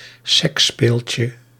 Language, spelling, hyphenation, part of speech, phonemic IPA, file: Dutch, seksspeeltje, seks‧speel‧tje, noun, /ˈsɛksˌspeːl.tjə/, Nl-seksspeeltje.ogg
- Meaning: sex toy